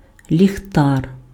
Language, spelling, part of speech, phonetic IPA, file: Ukrainian, ліхтар, noun, [lʲixˈtar], Uk-ліхтар.ogg
- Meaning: 1. lantern 2. light (encased light source for personal use)